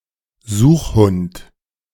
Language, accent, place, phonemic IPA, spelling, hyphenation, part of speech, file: German, Germany, Berlin, /ˈzuːxˌhʊnt/, Suchhund, Such‧hund, noun, De-Suchhund.ogg
- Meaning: search dog, tracker dog